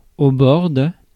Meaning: 1. border, edge, limit; boundary 2. side 3. rim 4. shore, by
- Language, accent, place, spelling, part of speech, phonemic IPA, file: French, France, Paris, bord, noun, /bɔʁ/, Fr-bord.ogg